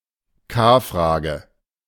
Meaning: 1. short for Kanzlerkandidatenfrage (“chancellor candidate question”) 2. short for Kapitänfrage
- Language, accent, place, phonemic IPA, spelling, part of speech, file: German, Germany, Berlin, /ˈkaːˌfʁaːɡə/, K-Frage, noun, De-K-Frage.ogg